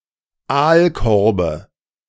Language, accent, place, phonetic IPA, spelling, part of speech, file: German, Germany, Berlin, [ˈaːlˌkɔʁbə], Aalkorbe, noun, De-Aalkorbe.ogg
- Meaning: dative singular of Aalkorb